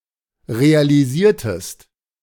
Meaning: inflection of realisieren: 1. second-person singular preterite 2. second-person singular subjunctive II
- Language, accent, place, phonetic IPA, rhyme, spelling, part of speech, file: German, Germany, Berlin, [ʁealiˈziːɐ̯təst], -iːɐ̯təst, realisiertest, verb, De-realisiertest.ogg